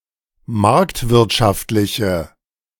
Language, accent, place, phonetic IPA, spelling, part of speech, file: German, Germany, Berlin, [ˈmaʁktvɪʁtʃaftlɪçə], marktwirtschaftliche, adjective, De-marktwirtschaftliche.ogg
- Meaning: inflection of marktwirtschaftlich: 1. strong/mixed nominative/accusative feminine singular 2. strong nominative/accusative plural 3. weak nominative all-gender singular